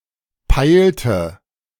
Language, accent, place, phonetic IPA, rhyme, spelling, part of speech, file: German, Germany, Berlin, [ˈpaɪ̯ltə], -aɪ̯ltə, peilte, verb, De-peilte.ogg
- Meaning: inflection of peilen: 1. first/third-person singular preterite 2. first/third-person singular subjunctive II